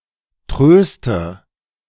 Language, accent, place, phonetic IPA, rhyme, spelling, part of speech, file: German, Germany, Berlin, [ˈtʁøːstə], -øːstə, tröste, verb, De-tröste.ogg
- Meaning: inflection of trösten: 1. first-person singular present 2. first/third-person singular subjunctive I 3. singular imperative